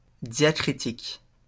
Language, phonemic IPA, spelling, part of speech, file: French, /dja.kʁi.tik/, diacritique, adjective / noun, LL-Q150 (fra)-diacritique.wav
- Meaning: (adjective) diacritical; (noun) 1. diacritic (special mark) 2. diacritics